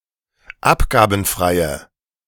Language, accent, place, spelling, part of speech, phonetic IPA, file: German, Germany, Berlin, abgabenfreie, adjective, [ˈapɡaːbn̩fʁaɪ̯ə], De-abgabenfreie.ogg
- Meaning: inflection of abgabenfrei: 1. strong/mixed nominative/accusative feminine singular 2. strong nominative/accusative plural 3. weak nominative all-gender singular